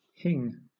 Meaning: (verb) alternative form of hang; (noun) Asafoetida, especially when used as a seasoning
- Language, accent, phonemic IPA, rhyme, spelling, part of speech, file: English, Southern England, /hɪŋ/, -ɪŋ, hing, verb / noun, LL-Q1860 (eng)-hing.wav